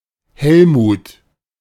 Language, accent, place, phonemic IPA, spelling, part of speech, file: German, Germany, Berlin, /ˈhɛlmuːt/, Helmut, proper noun, De-Helmut.ogg
- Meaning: a male given name, popular during the first half of the 20th century